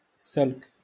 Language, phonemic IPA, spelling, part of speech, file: Moroccan Arabic, /salk/, سلك, noun, LL-Q56426 (ary)-سلك.wav
- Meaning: wire